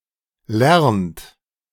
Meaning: inflection of lernen: 1. third-person singular present 2. second-person plural present 3. plural imperative
- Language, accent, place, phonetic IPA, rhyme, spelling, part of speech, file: German, Germany, Berlin, [lɛʁnt], -ɛʁnt, lernt, verb, De-lernt.ogg